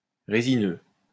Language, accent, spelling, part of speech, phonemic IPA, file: French, France, résineux, adjective / noun, /ʁe.zi.nø/, LL-Q150 (fra)-résineux.wav
- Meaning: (adjective) resinous; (noun) synonym of conifère